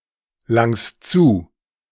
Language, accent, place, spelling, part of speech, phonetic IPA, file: German, Germany, Berlin, langst zu, verb, [ˌlaŋst ˈt͡suː], De-langst zu.ogg
- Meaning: second-person singular present of zulangen